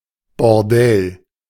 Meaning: bordello, brothel
- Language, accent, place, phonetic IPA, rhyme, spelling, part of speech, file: German, Germany, Berlin, [bɔʁˈdɛl], -ɛl, Bordell, noun, De-Bordell.ogg